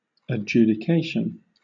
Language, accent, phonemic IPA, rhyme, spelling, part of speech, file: English, Southern England, /ə(d)ˌd͡ʒu.dɪˈkeɪ.ʃən/, -eɪʃən, adjudication, noun, LL-Q1860 (eng)-adjudication.wav
- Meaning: 1. The act of adjudicating, of reaching a judgement 2. A judgment or sentence 3. The decision upon the question of whether the debtor is a bankrupt